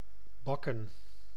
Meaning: 1. to bake 2. to pan-fry
- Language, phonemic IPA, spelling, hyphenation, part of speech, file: Dutch, /ˈbɑkə(n)/, bakken, bak‧ken, verb, Nl-bakken.ogg